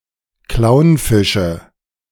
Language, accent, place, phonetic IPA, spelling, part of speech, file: German, Germany, Berlin, [ˈklaʊ̯nˌfɪʃə], Clownfische, noun, De-Clownfische.ogg
- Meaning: nominative/accusative/genitive plural of Clownfisch